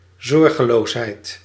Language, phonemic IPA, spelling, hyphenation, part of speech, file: Dutch, /ˌzɔr.ɣəˈloːs.ɦɛi̯t/, zorgeloosheid, zor‧ge‧loos‧heid, noun, Nl-zorgeloosheid.ogg
- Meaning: carelessness